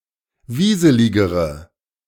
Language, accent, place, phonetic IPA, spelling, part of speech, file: German, Germany, Berlin, [ˈviːzəlɪɡəʁə], wieseligere, adjective, De-wieseligere.ogg
- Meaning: inflection of wieselig: 1. strong/mixed nominative/accusative feminine singular comparative degree 2. strong nominative/accusative plural comparative degree